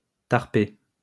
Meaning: 1. joint (marijuana cigarette) 2. buttocks 3. gun
- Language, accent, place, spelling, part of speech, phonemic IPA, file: French, France, Lyon, tarpé, noun, /taʁ.pe/, LL-Q150 (fra)-tarpé.wav